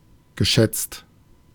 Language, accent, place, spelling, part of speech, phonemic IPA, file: German, Germany, Berlin, geschätzt, verb / adjective, /ˌɡəˈʃɛt͡st/, De-geschätzt.ogg
- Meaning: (verb) past participle of schätzen; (adjective) 1. appreciated, treasured, valued 2. assumed, estimated, ballpark